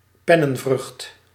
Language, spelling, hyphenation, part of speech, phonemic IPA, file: Dutch, pennenvrucht, pen‧nen‧vrucht, noun, /ˈpɛ.nə(n)ˌvrʏxt/, Nl-pennenvrucht.ogg
- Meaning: literary work